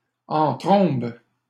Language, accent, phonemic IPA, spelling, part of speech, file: French, Canada, /ɑ̃ tʁɔ̃b/, en trombe, adverb, LL-Q150 (fra)-en trombe.wav
- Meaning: like a whirlwind, quickly and violently; brusquely